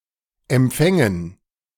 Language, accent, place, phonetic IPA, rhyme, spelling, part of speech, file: German, Germany, Berlin, [ɛmˈp͡fɛŋən], -ɛŋən, Empfängen, noun, De-Empfängen.ogg
- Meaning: dative plural of Empfang